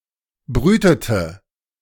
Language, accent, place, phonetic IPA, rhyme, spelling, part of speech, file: German, Germany, Berlin, [ˈbʁyːtətə], -yːtətə, brütete, verb, De-brütete.ogg
- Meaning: inflection of brüten: 1. first/third-person singular preterite 2. first/third-person singular subjunctive II